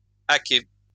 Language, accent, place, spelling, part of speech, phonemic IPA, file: French, France, Lyon, haquet, noun, /a.kɛ/, LL-Q150 (fra)-haquet.wav
- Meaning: dray